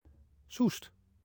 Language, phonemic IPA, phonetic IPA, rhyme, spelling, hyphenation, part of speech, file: Dutch, /sust/, [sust], -ust, Soest, Soest, proper noun, 281 Soest.ogg
- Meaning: a town and municipality of Utrecht, the Netherlands